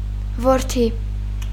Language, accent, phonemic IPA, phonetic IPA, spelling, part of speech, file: Armenian, Eastern Armenian, /voɾˈtʰi/, [voɾtʰí], որդի, noun, Hy-որդի.ogg
- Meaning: 1. son 2. offspring of any gender, child 3. heir